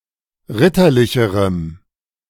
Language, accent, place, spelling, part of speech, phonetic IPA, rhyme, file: German, Germany, Berlin, ritterlicherem, adjective, [ˈʁɪtɐˌlɪçəʁəm], -ɪtɐlɪçəʁəm, De-ritterlicherem.ogg
- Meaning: strong dative masculine/neuter singular comparative degree of ritterlich